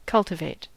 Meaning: 1. To grow plants, notably crops 2. To nurture; to foster; to tend 3. To turn or stir soil in preparation for planting or as a method of weed control between growing crop plants
- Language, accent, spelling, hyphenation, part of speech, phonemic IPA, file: English, US, cultivate, cul‧ti‧vate, verb, /ˈkʌltɪveɪt/, En-us-cultivate.ogg